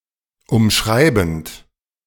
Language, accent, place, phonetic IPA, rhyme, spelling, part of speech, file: German, Germany, Berlin, [ʊmˈʃʁaɪ̯bn̩t], -aɪ̯bn̩t, umschreibend, verb, De-umschreibend.ogg
- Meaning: present participle of umschreiben